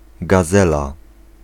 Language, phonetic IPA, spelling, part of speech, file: Polish, [ɡaˈzɛla], gazela, noun, Pl-gazela.ogg